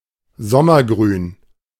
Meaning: deciduous (of or pertaining to trees that shed their leaves in winter)
- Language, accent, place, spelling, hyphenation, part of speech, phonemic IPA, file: German, Germany, Berlin, sommergrün, som‧mer‧grün, adjective, /ˈzɔmɐˌɡʁyːn/, De-sommergrün.ogg